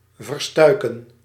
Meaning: to sprain
- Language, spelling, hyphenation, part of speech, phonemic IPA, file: Dutch, verstuiken, ver‧stui‧ken, verb, /vərˈstœy̯.kə(n)/, Nl-verstuiken.ogg